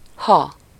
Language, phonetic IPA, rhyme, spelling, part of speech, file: Hungarian, [ˈhɒ], -hɒ, ha, conjunction / interjection, Hu-ha.ogg
- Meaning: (conjunction) 1. if (introducing a conditional clause; often coupled with akkor (“then”)) 2. when, once; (interjection) expressing astonishment, fright, or shock